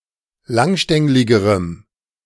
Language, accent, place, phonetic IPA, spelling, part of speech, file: German, Germany, Berlin, [ˈlaŋˌʃtɛŋlɪɡəʁəm], langstängligerem, adjective, De-langstängligerem.ogg
- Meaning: strong dative masculine/neuter singular comparative degree of langstänglig